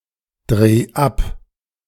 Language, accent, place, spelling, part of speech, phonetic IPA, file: German, Germany, Berlin, dreh ab, verb, [ˌdʁeː ˈap], De-dreh ab.ogg
- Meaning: 1. singular imperative of abdrehen 2. first-person singular present of abdrehen